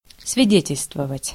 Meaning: to testify, to witness, to be evidence (of)
- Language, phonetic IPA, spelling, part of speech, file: Russian, [svʲɪˈdʲetʲɪlʲstvəvətʲ], свидетельствовать, verb, Ru-свидетельствовать.ogg